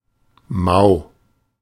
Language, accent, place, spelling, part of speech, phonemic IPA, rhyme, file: German, Germany, Berlin, mau, adjective / adverb, /maʊ̯/, -aʊ̯, De-mau.ogg
- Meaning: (adjective) 1. unwell, queasy, poorly, ill 2. disappointing, bad, meagre (below expectations, either in quantity or quality, though typically not catastrophic); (adverb) 1. badly, bad 2. slack